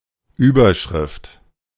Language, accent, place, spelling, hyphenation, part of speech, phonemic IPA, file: German, Germany, Berlin, Überschrift, Über‧schrift, noun, /ˈyːbɐˌʃʁɪft/, De-Überschrift.ogg
- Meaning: 1. heading 2. headline